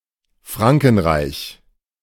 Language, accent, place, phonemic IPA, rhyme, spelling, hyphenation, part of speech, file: German, Germany, Berlin, /ˈfʁaŋkn̩ˌʁaɪ̯ç/, -aɪ̯ç, Frankenreich, Fran‧ken‧reich, proper noun, De-Frankenreich.ogg
- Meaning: Frankish empire